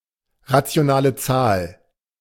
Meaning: rational number (quotient of integers)
- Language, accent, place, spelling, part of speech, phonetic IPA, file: German, Germany, Berlin, rationale Zahl, phrase, [ʁat͡si̯oˈnaːlə ˈt͡saːl], De-rationale Zahl.ogg